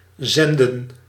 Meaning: 1. to send 2. to transmit, to emit
- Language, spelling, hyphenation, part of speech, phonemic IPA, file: Dutch, zenden, zen‧den, verb, /ˈzɛndə(n)/, Nl-zenden.ogg